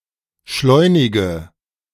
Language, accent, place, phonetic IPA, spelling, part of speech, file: German, Germany, Berlin, [ˈʃlɔɪ̯nɪɡə], schleunige, adjective, De-schleunige.ogg
- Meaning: inflection of schleunig: 1. strong/mixed nominative/accusative feminine singular 2. strong nominative/accusative plural 3. weak nominative all-gender singular